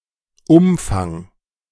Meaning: 1. perimeter, circumference 2. extent, scale, reach, scope, range
- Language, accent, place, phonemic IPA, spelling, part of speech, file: German, Germany, Berlin, /ˈʊmfaŋ/, Umfang, noun, De-Umfang.ogg